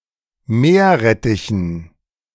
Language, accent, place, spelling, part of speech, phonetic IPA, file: German, Germany, Berlin, Meerrettichen, noun, [ˈmeːɐ̯ˌʁɛtɪçn̩], De-Meerrettichen.ogg
- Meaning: dative plural of Meerrettich